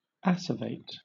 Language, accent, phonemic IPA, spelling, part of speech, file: English, Southern England, /ˈæs.ə.veɪt/, acervate, adjective / verb, LL-Q1860 (eng)-acervate.wav
- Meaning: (adjective) Heaped, or growing in heaps, or closely compacted clusters; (verb) To heap up